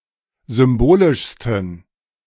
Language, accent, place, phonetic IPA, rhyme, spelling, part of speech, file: German, Germany, Berlin, [ˌzʏmˈboːlɪʃstn̩], -oːlɪʃstn̩, symbolischsten, adjective, De-symbolischsten.ogg
- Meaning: 1. superlative degree of symbolisch 2. inflection of symbolisch: strong genitive masculine/neuter singular superlative degree